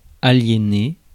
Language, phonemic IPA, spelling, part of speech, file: French, /a.lje.ne/, aliéné, verb / noun, Fr-aliéné.ogg
- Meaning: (verb) past participle of aliéner; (noun) one who is insane, mentally defective